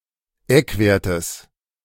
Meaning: genitive singular of Eckwert
- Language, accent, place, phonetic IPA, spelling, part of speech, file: German, Germany, Berlin, [ˈɛkˌveːɐ̯təs], Eckwertes, noun, De-Eckwertes.ogg